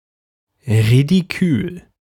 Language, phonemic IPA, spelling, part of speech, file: German, /ʁidiˈkyːl/, ridikül, adjective, De-ridikül.ogg
- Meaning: ridiculous